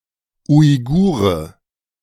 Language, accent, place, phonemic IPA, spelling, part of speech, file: German, Germany, Berlin, /ʊɪ̯ˈɡuːʁə/, Uigure, noun, De-Uigure.ogg
- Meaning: Uyghur